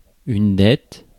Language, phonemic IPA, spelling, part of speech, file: French, /dɛt/, dette, noun, Fr-dette.ogg
- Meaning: debt